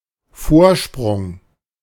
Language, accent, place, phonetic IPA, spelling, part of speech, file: German, Germany, Berlin, [ˈfoːɐ̯ˌʃpʁʊŋ], Vorsprung, noun, De-Vorsprung.ogg
- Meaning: 1. projection, prominence, protrusion 2. ledge 3. salient 4. start, head start, lead, advantage